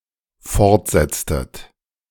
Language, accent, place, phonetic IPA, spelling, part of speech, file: German, Germany, Berlin, [ˈfɔʁtˌzɛt͡stət], fortsetztet, verb, De-fortsetztet.ogg
- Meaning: inflection of fortsetzen: 1. second-person plural dependent preterite 2. second-person plural dependent subjunctive II